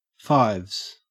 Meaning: 1. plural of five 2. A ball game, somewhat like tennis, played against a wall 3. A pair of fives 4. The cells located on the fourth floor 5. Shares at a rate of five percent
- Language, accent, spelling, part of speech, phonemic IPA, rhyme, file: English, Australia, fives, noun, /faɪvz/, -aɪvz, En-au-fives.ogg